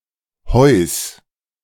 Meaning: genitive singular of Heu
- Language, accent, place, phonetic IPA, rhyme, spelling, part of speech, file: German, Germany, Berlin, [hɔɪ̯s], -ɔɪ̯s, Heus, noun, De-Heus.ogg